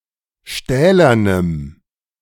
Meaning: strong dative masculine/neuter singular of stählern
- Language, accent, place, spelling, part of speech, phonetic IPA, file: German, Germany, Berlin, stählernem, adjective, [ˈʃtɛːlɐnəm], De-stählernem.ogg